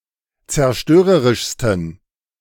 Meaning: 1. superlative degree of zerstörerisch 2. inflection of zerstörerisch: strong genitive masculine/neuter singular superlative degree
- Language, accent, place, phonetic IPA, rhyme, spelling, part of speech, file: German, Germany, Berlin, [t͡sɛɐ̯ˈʃtøːʁəʁɪʃstn̩], -øːʁəʁɪʃstn̩, zerstörerischsten, adjective, De-zerstörerischsten.ogg